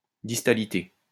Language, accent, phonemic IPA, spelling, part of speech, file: French, France, /dis.ta.li.te/, distalité, noun, LL-Q150 (fra)-distalité.wav
- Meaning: distality